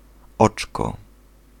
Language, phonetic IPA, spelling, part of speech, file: Polish, [ˈɔt͡ʃkɔ], oczko, noun, Pl-oczko.ogg